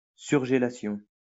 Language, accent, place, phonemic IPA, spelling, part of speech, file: French, France, Lyon, /syʁ.ʒe.la.sjɔ̃/, surgélation, noun, LL-Q150 (fra)-surgélation.wav
- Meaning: freezing